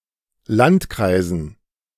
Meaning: dative plural of Landkreis
- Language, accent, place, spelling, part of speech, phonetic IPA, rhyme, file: German, Germany, Berlin, Landkreisen, noun, [ˈlantˌkʁaɪ̯zn̩], -antkʁaɪ̯zn̩, De-Landkreisen.ogg